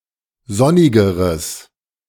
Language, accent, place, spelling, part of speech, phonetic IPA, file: German, Germany, Berlin, sonnigeres, adjective, [ˈzɔnɪɡəʁəs], De-sonnigeres.ogg
- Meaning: strong/mixed nominative/accusative neuter singular comparative degree of sonnig